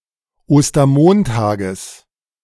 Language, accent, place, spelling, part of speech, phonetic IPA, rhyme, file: German, Germany, Berlin, Ostermontages, noun, [ˌoːstɐˈmoːntaːɡəs], -oːntaːɡəs, De-Ostermontages.ogg
- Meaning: genitive singular of Ostermontag